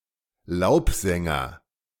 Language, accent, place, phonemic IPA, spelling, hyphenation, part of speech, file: German, Germany, Berlin, /ˈlaʊ̯pˌzɛŋɐ/, Laubsänger, Laub‧sän‧ger, noun, De-Laubsänger.ogg
- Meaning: warbler (bird in the genus Phylloscopus or Seicercus)